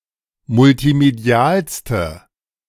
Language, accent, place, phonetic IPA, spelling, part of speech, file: German, Germany, Berlin, [mʊltiˈmedi̯aːlstə], multimedialste, adjective, De-multimedialste.ogg
- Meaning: inflection of multimedial: 1. strong/mixed nominative/accusative feminine singular superlative degree 2. strong nominative/accusative plural superlative degree